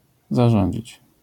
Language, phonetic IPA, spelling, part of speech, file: Polish, [zaˈʒɔ̃ɲd͡ʑit͡ɕ], zarządzić, verb, LL-Q809 (pol)-zarządzić.wav